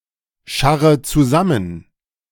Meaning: inflection of zusammenscharren: 1. first-person singular present 2. first/third-person singular subjunctive I 3. singular imperative
- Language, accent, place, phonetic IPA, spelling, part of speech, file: German, Germany, Berlin, [ˌʃaʁə t͡suˈzamən], scharre zusammen, verb, De-scharre zusammen.ogg